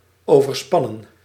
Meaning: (verb) 1. to overstress, to overstrain 2. to span (of a structure) 3. past participle of overspannen; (adjective) 1. overstrained, overstressed 2. emotionally exhausted
- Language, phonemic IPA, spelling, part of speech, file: Dutch, /ˌoː.vərˈspɑ.nə(n)/, overspannen, verb / adjective, Nl-overspannen.ogg